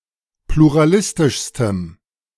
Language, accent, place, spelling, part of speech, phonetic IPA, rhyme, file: German, Germany, Berlin, pluralistischstem, adjective, [pluʁaˈlɪstɪʃstəm], -ɪstɪʃstəm, De-pluralistischstem.ogg
- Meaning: strong dative masculine/neuter singular superlative degree of pluralistisch